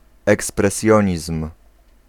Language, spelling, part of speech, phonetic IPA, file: Polish, ekspresjonizm, noun, [ˌɛksprɛˈsʲjɔ̇̃ɲism̥], Pl-ekspresjonizm.ogg